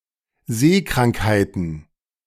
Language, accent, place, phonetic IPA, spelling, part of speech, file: German, Germany, Berlin, [ˈzeːkʁaŋkhaɪ̯tn̩], Seekrankheiten, noun, De-Seekrankheiten.ogg
- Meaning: plural of Seekrankheit